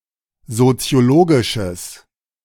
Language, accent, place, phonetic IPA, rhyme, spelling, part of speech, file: German, Germany, Berlin, [zot͡si̯oˈloːɡɪʃəs], -oːɡɪʃəs, soziologisches, adjective, De-soziologisches.ogg
- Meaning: strong/mixed nominative/accusative neuter singular of soziologisch